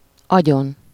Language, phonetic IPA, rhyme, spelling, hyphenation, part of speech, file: Hungarian, [ˈɒɟon], -on, agyon, agyon, noun, Hu-agyon.ogg
- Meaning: superessive singular of agy